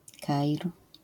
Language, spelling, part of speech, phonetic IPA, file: Polish, Kair, proper noun, [ˈkaʲir], LL-Q809 (pol)-Kair.wav